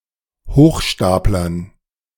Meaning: dative plural of Hochstapler
- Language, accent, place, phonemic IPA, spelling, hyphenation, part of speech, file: German, Germany, Berlin, /ˈhoːxˌʃtaːp.lɐn/, Hochstaplern, Hoch‧stap‧lern, noun, De-Hochstaplern.ogg